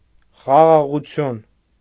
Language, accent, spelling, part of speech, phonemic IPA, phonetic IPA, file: Armenian, Eastern Armenian, խաղաղություն, noun, /χɑʁɑʁuˈtʰjun/, [χɑʁɑʁut͡sʰjún], Hy-խաղաղություն.ogg
- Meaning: 1. peace 2. calm, calmness; quiet, tranquillity 3. silence